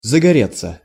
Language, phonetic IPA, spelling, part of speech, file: Russian, [zəɡɐˈrʲet͡sːə], загореться, verb, Ru-загореться.ogg
- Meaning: 1. to catch fire 2. to light up, to turn on, to come on (of a light source) 3. to break out 4. to be eager (for), to light up 5. to feel an urge 6. passive of загоре́ть (zagorétʹ)